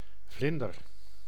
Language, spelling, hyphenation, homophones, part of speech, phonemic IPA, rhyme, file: Dutch, vlinder, vlin‧der, Vlinder, noun / verb, /ˈvlɪn.dər/, -ɪndər, Nl-vlinder.ogg
- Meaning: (noun) butterfly, or generally any insect belonging to the order Lepidoptera; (verb) inflection of vlinderen: 1. first-person singular present indicative 2. second-person singular present indicative